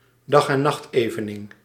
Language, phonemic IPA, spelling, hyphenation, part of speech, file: Dutch, /dɑx.ɛˈnɑxtˌeː.və.nɪŋ/, dag-en-nachtevening, dag-en-nacht‧eve‧ning, noun, Nl-dag-en-nachtevening.ogg
- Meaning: equinox